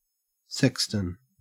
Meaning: 1. A church official who looks after a church building and its graveyard and may act as a gravedigger and bell ringer 2. A sexton beetle
- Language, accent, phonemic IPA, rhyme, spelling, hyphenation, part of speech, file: English, Australia, /ˈsɛk.stən/, -ɛkstən, sexton, sex‧ton, noun, En-au-sexton.ogg